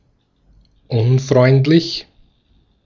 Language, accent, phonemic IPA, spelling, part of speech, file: German, Austria, /ˈʔʊnˌfʁɔɪ̯ntlɪç/, unfreundlich, adjective, De-at-unfreundlich.ogg
- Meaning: unfriendly